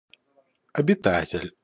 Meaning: inhabitant, dweller
- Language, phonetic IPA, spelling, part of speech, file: Russian, [ɐbʲɪˈtatʲɪlʲ], обитатель, noun, Ru-обитатель.ogg